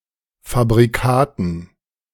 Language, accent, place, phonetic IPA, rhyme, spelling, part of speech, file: German, Germany, Berlin, [fabʁiˈkaːtn̩], -aːtn̩, Fabrikaten, noun, De-Fabrikaten.ogg
- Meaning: dative plural of Fabrikat